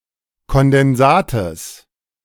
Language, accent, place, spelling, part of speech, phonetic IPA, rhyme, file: German, Germany, Berlin, Kondensates, noun, [kɔndɛnˈzaːtəs], -aːtəs, De-Kondensates.ogg
- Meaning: genitive singular of Kondensat